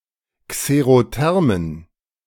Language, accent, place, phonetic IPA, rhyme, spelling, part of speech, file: German, Germany, Berlin, [kseʁoˈtɛʁmən], -ɛʁmən, xerothermen, adjective, De-xerothermen.ogg
- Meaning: inflection of xerotherm: 1. strong genitive masculine/neuter singular 2. weak/mixed genitive/dative all-gender singular 3. strong/weak/mixed accusative masculine singular 4. strong dative plural